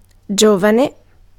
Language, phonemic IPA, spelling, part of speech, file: Italian, /ˈd͡ʒovane/, giovane, adjective / adverb / noun, It-giovane.ogg